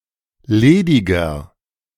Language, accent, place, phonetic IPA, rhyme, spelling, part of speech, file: German, Germany, Berlin, [ˈleːdɪɡɐ], -eːdɪɡɐ, lediger, adjective, De-lediger.ogg
- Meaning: 1. comparative degree of ledig 2. inflection of ledig: strong/mixed nominative masculine singular 3. inflection of ledig: strong genitive/dative feminine singular